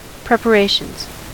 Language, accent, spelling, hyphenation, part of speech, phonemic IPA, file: English, US, preparations, prep‧a‧ra‧tions, noun, /pɹɛpəˈɹeɪʃənz/, En-us-preparations.ogg
- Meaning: plural of preparation